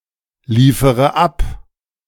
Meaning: inflection of abliefern: 1. first-person singular present 2. first-person plural subjunctive I 3. third-person singular subjunctive I 4. singular imperative
- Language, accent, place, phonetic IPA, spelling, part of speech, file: German, Germany, Berlin, [ˌliːfəʁə ˈap], liefere ab, verb, De-liefere ab.ogg